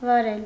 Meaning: 1. to plough, till 2. to conduct, direct, manage 3. to drive, conduct (operate a wheeled motorized vehicle)
- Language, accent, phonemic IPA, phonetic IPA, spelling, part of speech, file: Armenian, Eastern Armenian, /vɑˈɾel/, [vɑɾél], վարել, verb, Hy-վարել.ogg